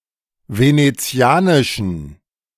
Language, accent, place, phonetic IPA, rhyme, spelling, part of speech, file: German, Germany, Berlin, [ˌveneˈt͡si̯aːnɪʃn̩], -aːnɪʃn̩, venezianischen, adjective, De-venezianischen.ogg
- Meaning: inflection of venezianisch: 1. strong genitive masculine/neuter singular 2. weak/mixed genitive/dative all-gender singular 3. strong/weak/mixed accusative masculine singular 4. strong dative plural